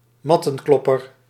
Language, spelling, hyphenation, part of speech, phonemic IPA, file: Dutch, mattenklopper, mat‧ten‧klop‧per, noun, /ˈmɑ.tə(n)ˌklɔ.pər/, Nl-mattenklopper.ogg
- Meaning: carpet beater